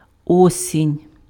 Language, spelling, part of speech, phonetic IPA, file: Ukrainian, осінь, noun, [ˈɔsʲinʲ], Uk-осінь.ogg
- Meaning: autumn, fall